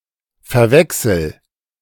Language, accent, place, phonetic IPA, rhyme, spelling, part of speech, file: German, Germany, Berlin, [fɛɐ̯ˈvɛksl̩], -ɛksl̩, verwechsel, verb, De-verwechsel.ogg
- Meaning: inflection of verwechseln: 1. first-person singular present 2. singular imperative